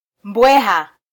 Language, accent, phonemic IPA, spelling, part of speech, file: Swahili, Kenya, /ˈᵐbʷɛ.hɑ/, mbweha, noun, Sw-ke-mbweha.flac
- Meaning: 1. jackal 2. fox